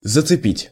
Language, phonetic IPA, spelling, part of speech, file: Russian, [zət͡sɨˈpʲitʲ], зацепить, verb, Ru-зацепить.ogg
- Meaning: 1. to hook, to grapple, to fasten 2. to catch (accidentally)